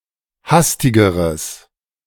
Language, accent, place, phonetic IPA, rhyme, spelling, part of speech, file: German, Germany, Berlin, [ˈhastɪɡəʁəs], -astɪɡəʁəs, hastigeres, adjective, De-hastigeres.ogg
- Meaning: strong/mixed nominative/accusative neuter singular comparative degree of hastig